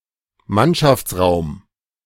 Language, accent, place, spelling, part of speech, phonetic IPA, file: German, Germany, Berlin, Mannschaftsraum, noun, [ˈmanʃaft͡sˌʁaʊ̯m], De-Mannschaftsraum.ogg
- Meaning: 1. seamen's mess 2. team quarters, crew's quarters